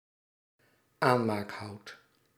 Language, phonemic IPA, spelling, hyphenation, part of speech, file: Dutch, /ˈaː(n).maːkˌɦɑu̯t/, aanmaakhout, aan‧maak‧hout, noun, Nl-aanmaakhout.ogg
- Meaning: wood to light a fire with